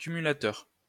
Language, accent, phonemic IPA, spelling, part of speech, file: French, France, /ky.my.la.tœʁ/, cumulateur, noun, LL-Q150 (fra)-cumulateur.wav
- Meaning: addend